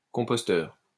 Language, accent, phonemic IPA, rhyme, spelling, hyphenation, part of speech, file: French, France, /kɔ̃.pɔs.tœʁ/, -œʁ, composteur, com‧pos‧teur, noun, LL-Q150 (fra)-composteur.wav
- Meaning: 1. composing stick 2. a machine used for validating tickets 3. a composter (garden waste container)